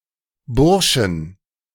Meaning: 1. genitive singular of Bursche 2. plural of Bursche
- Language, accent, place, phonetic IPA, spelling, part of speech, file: German, Germany, Berlin, [ˈbʊʁʃn̩], Burschen, noun, De-Burschen.ogg